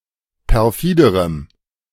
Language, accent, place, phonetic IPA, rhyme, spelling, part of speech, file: German, Germany, Berlin, [pɛʁˈfiːdəʁəm], -iːdəʁəm, perfiderem, adjective, De-perfiderem.ogg
- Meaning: strong dative masculine/neuter singular comparative degree of perfide